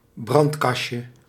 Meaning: diminutive of brandkast
- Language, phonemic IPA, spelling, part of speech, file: Dutch, /ˈbrɑntkɑʃə/, brandkastje, noun, Nl-brandkastje.ogg